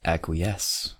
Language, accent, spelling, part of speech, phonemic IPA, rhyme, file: English, US, acquiesce, verb, /ˌækwiˈɛs/, -ɛs, En-us-acquiesce2.ogg
- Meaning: To rest satisfied, or apparently satisfied, or to rest without opposition and discontent (usually implying previous opposition or discontent); to accept or consent by silence or by omitting to object